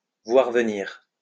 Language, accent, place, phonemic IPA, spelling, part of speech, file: French, France, Lyon, /vwaʁ və.niʁ/, voir venir, verb, LL-Q150 (fra)-voir venir.wav
- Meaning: 1. to see coming 2. to wait and see how the wind is blowing